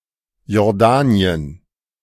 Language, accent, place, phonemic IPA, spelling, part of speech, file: German, Germany, Berlin, /jɔʁˈdaːniən/, Jordanien, proper noun, De-Jordanien.ogg
- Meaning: Jordan (a country in West Asia in the Middle East)